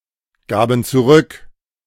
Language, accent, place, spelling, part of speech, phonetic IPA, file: German, Germany, Berlin, gaben zurück, verb, [ˌɡaːbn̩ t͡suˈʁʏk], De-gaben zurück.ogg
- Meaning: first/third-person plural preterite of zurückgeben